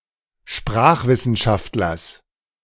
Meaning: genitive singular of Sprachwissenschaftler
- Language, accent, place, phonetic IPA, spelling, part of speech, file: German, Germany, Berlin, [ˈʃpʁaːxvɪsn̩ˌʃaftlɐs], Sprachwissenschaftlers, noun, De-Sprachwissenschaftlers.ogg